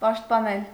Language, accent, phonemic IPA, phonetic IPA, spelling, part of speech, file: Armenian, Eastern Armenian, /pɑʃtpɑˈnel/, [pɑʃtpɑnél], պաշտպանել, verb, Hy-պաշտպանել.ogg
- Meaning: to protect, to defend